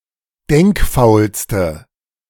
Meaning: inflection of denkfaul: 1. strong/mixed nominative/accusative feminine singular superlative degree 2. strong nominative/accusative plural superlative degree
- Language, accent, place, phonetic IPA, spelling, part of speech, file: German, Germany, Berlin, [ˈdɛŋkˌfaʊ̯lstə], denkfaulste, adjective, De-denkfaulste.ogg